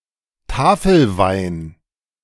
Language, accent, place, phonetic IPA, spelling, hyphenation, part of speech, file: German, Germany, Berlin, [ˈtaːfl̩ˌvaɪ̯n], Tafelwein, Ta‧fel‧wein, noun, De-Tafelwein.ogg
- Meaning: table wine